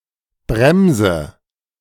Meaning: 1. brake, device for causing deceleration 2. any kind of clamp that restricts movement
- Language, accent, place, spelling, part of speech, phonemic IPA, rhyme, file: German, Germany, Berlin, Bremse, noun, /ˈbʁɛmzə/, -ɛmzə, De-Bremse.ogg